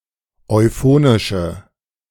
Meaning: inflection of euphonisch: 1. strong/mixed nominative/accusative feminine singular 2. strong nominative/accusative plural 3. weak nominative all-gender singular
- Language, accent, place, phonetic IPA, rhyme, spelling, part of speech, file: German, Germany, Berlin, [ɔɪ̯ˈfoːnɪʃə], -oːnɪʃə, euphonische, adjective, De-euphonische.ogg